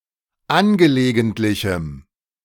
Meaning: strong dative masculine/neuter singular of angelegentlich
- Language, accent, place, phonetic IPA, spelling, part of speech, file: German, Germany, Berlin, [ˈanɡəleːɡəntlɪçm̩], angelegentlichem, adjective, De-angelegentlichem.ogg